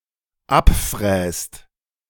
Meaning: inflection of abfräsen: 1. second/third-person singular dependent present 2. second-person plural dependent present
- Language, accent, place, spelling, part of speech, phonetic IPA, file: German, Germany, Berlin, abfräst, verb, [ˈapˌfʁɛːst], De-abfräst.ogg